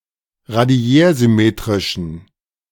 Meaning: inflection of radiärsymmetrisch: 1. strong genitive masculine/neuter singular 2. weak/mixed genitive/dative all-gender singular 3. strong/weak/mixed accusative masculine singular
- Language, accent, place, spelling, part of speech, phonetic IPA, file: German, Germany, Berlin, radiärsymmetrischen, adjective, [ʁaˈdi̯ɛːɐ̯zʏˌmeːtʁɪʃn̩], De-radiärsymmetrischen.ogg